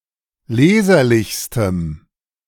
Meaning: strong dative masculine/neuter singular superlative degree of leserlich
- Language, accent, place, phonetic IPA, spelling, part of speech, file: German, Germany, Berlin, [ˈleːzɐlɪçstəm], leserlichstem, adjective, De-leserlichstem.ogg